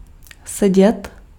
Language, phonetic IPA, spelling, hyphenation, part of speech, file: Czech, [ˈsɛɟɛt], sedět, se‧dět, verb, Cs-sedět.ogg
- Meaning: 1. to sit (to be in a sitting position) 2. to fit (of clothing)